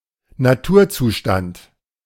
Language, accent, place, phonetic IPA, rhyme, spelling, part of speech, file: German, Germany, Berlin, [naˈtuːɐ̯ˌt͡suːʃtant], -uːɐ̯t͡suːʃtant, Naturzustand, noun, De-Naturzustand.ogg
- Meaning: 1. natural state 2. state of nature